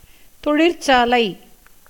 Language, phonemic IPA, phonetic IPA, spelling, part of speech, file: Tamil, /t̪oɻɪrtʃɑːlɐɪ̯/, [t̪o̞ɻɪrsäːlɐɪ̯], தொழிற்சாலை, noun, Ta-தொழிற்சாலை.ogg
- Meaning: workshop, office, factory, company, place of business